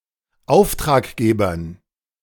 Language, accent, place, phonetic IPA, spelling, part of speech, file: German, Germany, Berlin, [ˈaʊ̯ftʁaːkˌɡeːbɐn], Auftraggebern, noun, De-Auftraggebern.ogg
- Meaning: dative plural of Auftraggeber